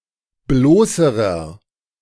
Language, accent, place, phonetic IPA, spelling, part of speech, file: German, Germany, Berlin, [ˈbloːsəʁɐ], bloßerer, adjective, De-bloßerer.ogg
- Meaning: inflection of bloß: 1. strong/mixed nominative masculine singular comparative degree 2. strong genitive/dative feminine singular comparative degree 3. strong genitive plural comparative degree